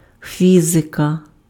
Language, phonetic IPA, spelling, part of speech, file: Ukrainian, [ˈfʲizekɐ], фізика, noun, Uk-фізика.ogg
- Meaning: 1. physics (branch of science) 2. genitive/accusative singular of фі́зик (fízyk)